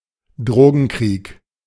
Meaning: 1. The 'war on drugs' 2. drug war
- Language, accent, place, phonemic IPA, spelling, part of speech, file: German, Germany, Berlin, /ˈdroːɡn̩kriːk/, Drogenkrieg, noun, De-Drogenkrieg.ogg